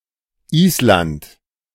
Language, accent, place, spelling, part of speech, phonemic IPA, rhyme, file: German, Germany, Berlin, Island, proper noun, /ˈiːslant/, -ant, De-Island.ogg
- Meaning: Iceland (an island and country in the North Atlantic Ocean in Europe)